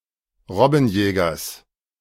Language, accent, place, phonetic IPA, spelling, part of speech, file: German, Germany, Berlin, [ˈʁɔbn̩ˌjɛːɡɐs], Robbenjägers, noun, De-Robbenjägers.ogg
- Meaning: genitive singular of Robbenjäger